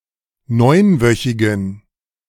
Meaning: inflection of neunwöchig: 1. strong genitive masculine/neuter singular 2. weak/mixed genitive/dative all-gender singular 3. strong/weak/mixed accusative masculine singular 4. strong dative plural
- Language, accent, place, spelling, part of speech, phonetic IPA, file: German, Germany, Berlin, neunwöchigen, adjective, [ˈnɔɪ̯nˌvœçɪɡn̩], De-neunwöchigen.ogg